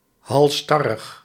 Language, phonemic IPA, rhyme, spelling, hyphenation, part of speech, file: Dutch, /ˌɦɑlˈstɑ.rəx/, -ɑrəx, halsstarrig, hals‧star‧rig, adjective, Nl-halsstarrig.ogg
- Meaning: stubborn, obstinate, stiff-necked